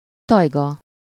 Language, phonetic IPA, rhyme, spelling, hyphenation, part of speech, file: Hungarian, [ˈtɒjɡɒ], -ɡɒ, tajga, taj‧ga, noun, Hu-tajga.ogg
- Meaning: taiga